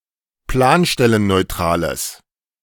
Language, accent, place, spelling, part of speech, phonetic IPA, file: German, Germany, Berlin, planstellenneutrales, adjective, [ˈplaːnʃtɛlənnɔɪ̯ˌtʁaːləs], De-planstellenneutrales.ogg
- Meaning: strong/mixed nominative/accusative neuter singular of planstellenneutral